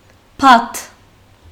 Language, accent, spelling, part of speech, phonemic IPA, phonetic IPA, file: Armenian, Western Armenian, բադ, noun, /pɑt/, [pʰɑtʰ], HyW-բադ.ogg
- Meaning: duck, drake